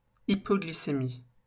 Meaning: hypoglycaemia
- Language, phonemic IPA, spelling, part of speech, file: French, /i.pɔ.ɡli.se.mi/, hypoglycémie, noun, LL-Q150 (fra)-hypoglycémie.wav